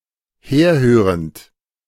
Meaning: present participle of herhören
- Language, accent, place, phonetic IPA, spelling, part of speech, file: German, Germany, Berlin, [ˈheːɐ̯ˌhøːʁənt], herhörend, verb, De-herhörend.ogg